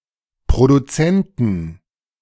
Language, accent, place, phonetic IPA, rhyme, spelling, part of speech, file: German, Germany, Berlin, [pʁoduˈt͡sɛntn̩], -ɛntn̩, Produzenten, noun, De-Produzenten.ogg
- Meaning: 1. genitive singular of Produzent 2. plural of Produzent